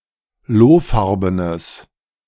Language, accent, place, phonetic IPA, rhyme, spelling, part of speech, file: German, Germany, Berlin, [ˈloːˌfaʁbənəs], -oːfaʁbənəs, lohfarbenes, adjective, De-lohfarbenes.ogg
- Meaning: strong/mixed nominative/accusative neuter singular of lohfarben